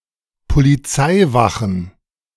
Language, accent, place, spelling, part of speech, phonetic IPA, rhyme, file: German, Germany, Berlin, Polizeiwachen, noun, [poliˈt͡saɪ̯ˌvaxn̩], -aɪ̯vaxn̩, De-Polizeiwachen.ogg
- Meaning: plural of Polizeiwache